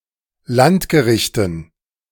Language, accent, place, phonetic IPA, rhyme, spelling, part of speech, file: German, Germany, Berlin, [ˈlantɡəˌʁɪçtn̩], -antɡəʁɪçtn̩, Landgerichten, noun, De-Landgerichten.ogg
- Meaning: dative plural of Landgericht